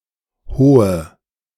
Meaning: inflection of hoch: 1. strong/mixed nominative/accusative feminine singular 2. strong nominative/accusative plural 3. weak nominative all-gender singular 4. weak accusative feminine/neuter singular
- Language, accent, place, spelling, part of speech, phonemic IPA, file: German, Germany, Berlin, hohe, adjective, /ˈhoːə/, De-hohe.ogg